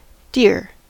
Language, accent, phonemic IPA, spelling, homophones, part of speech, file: English, General American, /dɪɹ/, deer, dear, noun, En-us-deer.ogg
- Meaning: A ruminant mammal with hooves and often antlers, of the family Cervidae, or one of several similar animals from related families of the order Artiodactyla, such as the musk deer or mouse deer